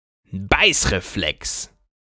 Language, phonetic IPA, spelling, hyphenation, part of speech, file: German, [ˈbaɪ̯sʀeˌflɛks], Beißreflex, Beiß‧re‧flex, noun, De-Beißreflex.ogg
- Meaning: bite reflex (instinctive, rhythmic up and down movements of the lower jaw in human infants, triggered by stimulation of the jaw by food intake in small children)